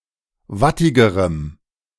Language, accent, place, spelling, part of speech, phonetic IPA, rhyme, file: German, Germany, Berlin, wattigerem, adjective, [ˈvatɪɡəʁəm], -atɪɡəʁəm, De-wattigerem.ogg
- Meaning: strong dative masculine/neuter singular comparative degree of wattig